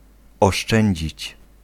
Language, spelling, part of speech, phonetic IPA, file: Polish, oszczędzić, verb, [ɔˈʃt͡ʃɛ̃ɲd͡ʑit͡ɕ], Pl-oszczędzić.ogg